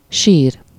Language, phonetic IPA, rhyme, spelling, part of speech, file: Hungarian, [ˈʃiːr], -iːr, sír, noun / verb, Hu-sír.ogg
- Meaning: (noun) grave, tomb, burial place; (verb) to cry, to weep